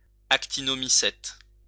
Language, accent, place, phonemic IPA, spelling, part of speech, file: French, France, Lyon, /ak.ti.nɔ.mi.sɛt/, actinomycète, noun, LL-Q150 (fra)-actinomycète.wav
- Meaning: actinomycete